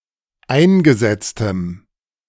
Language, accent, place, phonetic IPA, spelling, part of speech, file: German, Germany, Berlin, [ˈaɪ̯nɡəˌzɛt͡stəm], eingesetztem, adjective, De-eingesetztem.ogg
- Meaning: strong dative masculine/neuter singular of eingesetzt